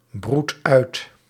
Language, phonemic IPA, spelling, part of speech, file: Dutch, /ˈbrut ˈœyt/, broedt uit, verb, Nl-broedt uit.ogg
- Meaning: inflection of uitbroeden: 1. second/third-person singular present indicative 2. plural imperative